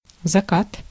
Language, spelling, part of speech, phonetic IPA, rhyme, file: Russian, закат, noun, [zɐˈkat], -at, Ru-закат.ogg
- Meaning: 1. sunset 2. decline 3. west